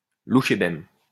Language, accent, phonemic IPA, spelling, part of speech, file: French, France, /lu.ʃe.bɛm/, louchébem, noun, LL-Q150 (fra)-louchébem.wav
- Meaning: 1. a form of slang originating from butchers in Paris and Lyon, involving changing the order of the letters of a word 2. butcher